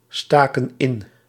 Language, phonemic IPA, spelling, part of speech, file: Dutch, /ˈstakə(n) ˈɪn/, staken in, verb, Nl-staken in.ogg
- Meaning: inflection of insteken: 1. plural past indicative 2. plural past subjunctive